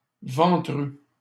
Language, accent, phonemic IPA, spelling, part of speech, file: French, Canada, /vɑ̃.tʁy/, ventru, adjective, LL-Q150 (fra)-ventru.wav
- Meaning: 1. potbellied, paunchy 2. rounded, bulging